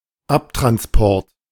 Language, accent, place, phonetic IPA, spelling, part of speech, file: German, Germany, Berlin, [ˈaptʁansˌpɔʁt], Abtransport, noun, De-Abtransport.ogg
- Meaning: transportation